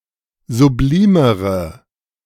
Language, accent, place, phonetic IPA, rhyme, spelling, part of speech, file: German, Germany, Berlin, [zuˈbliːməʁə], -iːməʁə, sublimere, adjective, De-sublimere.ogg
- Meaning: inflection of sublim: 1. strong/mixed nominative/accusative feminine singular comparative degree 2. strong nominative/accusative plural comparative degree